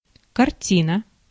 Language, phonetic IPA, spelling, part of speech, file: Russian, [kɐrˈtʲinə], картина, noun, Ru-картина.ogg
- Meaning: 1. picture (representation of visible reality produced by drawing, etc.) 2. painting, canvas 3. movie, film 4. picture, image (as produced in transient fashion by technology, e.g. a monitor) 5. scene